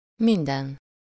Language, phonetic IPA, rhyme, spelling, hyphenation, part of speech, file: Hungarian, [ˈmindɛn], -ɛn, minden, min‧den, determiner / pronoun / adverb, Hu-minden.ogg
- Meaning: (determiner) every (used with the noun in singular); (pronoun) all, everything